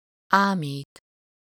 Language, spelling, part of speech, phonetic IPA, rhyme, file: Hungarian, ámít, verb, [ˈaːmiːt], -iːt, Hu-ámít.ogg
- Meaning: to delude, deceive